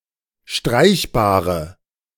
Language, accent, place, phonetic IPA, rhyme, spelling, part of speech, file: German, Germany, Berlin, [ˈʃtʁaɪ̯çbaːʁə], -aɪ̯çbaːʁə, streichbare, adjective, De-streichbare.ogg
- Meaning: inflection of streichbar: 1. strong/mixed nominative/accusative feminine singular 2. strong nominative/accusative plural 3. weak nominative all-gender singular